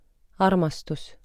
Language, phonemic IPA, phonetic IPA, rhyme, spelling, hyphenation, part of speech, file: Estonian, /ˈɑrmɑstus/, [ˈɑrmɑstus], -ɑrmɑstus, armastus, ar‧mas‧tus, noun, Et-armastus.ogg
- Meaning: love: 1. A strong affection for somebody or something; a particular interest for something (genitive + vastu) 2. Sexual intercourse, lovemaking 3. A person who is being loved